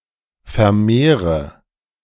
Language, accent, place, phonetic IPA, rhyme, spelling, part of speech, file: German, Germany, Berlin, [fɛɐ̯ˈmeːʁə], -eːʁə, vermehre, verb, De-vermehre.ogg
- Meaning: inflection of vermehren: 1. first-person singular present 2. first/third-person singular subjunctive I 3. singular imperative